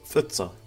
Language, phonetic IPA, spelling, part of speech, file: Kabardian, [fʼət͡sʼa], фӏыцӏэ, adjective / noun, Фӏыцӏэ.ogg
- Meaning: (adjective) black